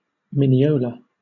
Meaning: A cross between a tangerine and a grapefruit
- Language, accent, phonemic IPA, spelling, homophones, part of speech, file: English, Southern England, /mɪniˈoʊlə/, minneola, Mineola / Minneola, noun, LL-Q1860 (eng)-minneola.wav